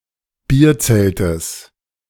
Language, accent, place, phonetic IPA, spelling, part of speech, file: German, Germany, Berlin, [ˈbiːɐ̯ˌt͡sɛltəs], Bierzeltes, noun, De-Bierzeltes.ogg
- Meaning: genitive singular of Bierzelt